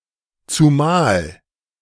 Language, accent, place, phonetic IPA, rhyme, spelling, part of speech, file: German, Germany, Berlin, [tsuˈmaːl], -aːl, zumal, conjunction / adverb, De-zumal.ogg
- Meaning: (conjunction) especially since (giving a reason which justifies the expectation of a certain behaviour or quality); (adverb) especially